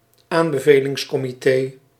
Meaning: committee of recommendation
- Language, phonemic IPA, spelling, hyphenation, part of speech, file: Dutch, /ˈaːn.bə.veː.lɪŋs.kɔ.miˌteː/, aanbevelingscomité, aan‧be‧ve‧lings‧co‧mi‧té, noun, Nl-aanbevelingscomité.ogg